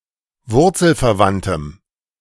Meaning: strong dative masculine/neuter singular of wurzelverwandt
- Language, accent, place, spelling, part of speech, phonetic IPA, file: German, Germany, Berlin, wurzelverwandtem, adjective, [ˈvʊʁt͡sl̩fɛɐ̯ˌvantəm], De-wurzelverwandtem.ogg